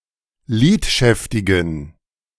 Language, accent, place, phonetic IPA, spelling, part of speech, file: German, Germany, Berlin, [ˈliːtˌʃɛftɪɡn̩], lidschäftigen, adjective, De-lidschäftigen.ogg
- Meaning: inflection of lidschäftig: 1. strong genitive masculine/neuter singular 2. weak/mixed genitive/dative all-gender singular 3. strong/weak/mixed accusative masculine singular 4. strong dative plural